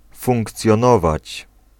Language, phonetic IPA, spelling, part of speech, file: Polish, [ˌfũŋkt͡sʲjɔ̃ˈnɔvat͡ɕ], funkcjonować, verb, Pl-funkcjonować.ogg